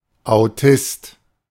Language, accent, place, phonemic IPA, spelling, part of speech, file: German, Germany, Berlin, /aʊ̯ˈtɪst/, Autist, noun, De-Autist.ogg
- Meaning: autist